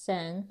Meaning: you (singular)
- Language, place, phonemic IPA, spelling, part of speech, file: Azerbaijani, Baku, /sæn/, sən, pronoun, Az-az-sən.ogg